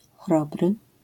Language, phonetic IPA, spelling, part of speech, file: Polish, [ˈxrɔbrɨ], chrobry, adjective, LL-Q809 (pol)-chrobry.wav